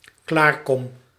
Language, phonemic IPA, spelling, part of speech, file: Dutch, /ˈklarˌkɔm/, klaarkom, verb, Nl-klaarkom.ogg
- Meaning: first-person singular dependent-clause present indicative of klaarkomen